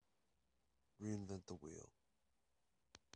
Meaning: To do work unnecessarily when it has already been done satisfactorily by others; to attempt to devise a solution to a problem when a solution already exists
- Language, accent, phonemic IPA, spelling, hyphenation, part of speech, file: English, General American, /ˌɹiːɪnˌvɛnt ðə ˈ(h)wiːl/, reinvent the wheel, re‧in‧vent the wheel, verb, En-us-reinventthewheel.wav